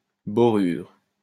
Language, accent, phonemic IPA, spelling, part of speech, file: French, France, /bɔ.ʁyʁ/, borure, noun, LL-Q150 (fra)-borure.wav
- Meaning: boride